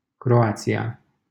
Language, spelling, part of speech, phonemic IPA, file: Romanian, Croația, proper noun, /kroˈa.t͡si.(j)a/, LL-Q7913 (ron)-Croația.wav
- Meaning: Croatia (a country on the Balkan Peninsula in Southeastern Europe)